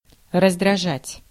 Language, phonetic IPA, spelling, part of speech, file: Russian, [rəzdrɐˈʐatʲ], раздражать, verb, Ru-раздражать.ogg
- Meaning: 1. to irritate 2. to annoy, to vex, to get on the nerves of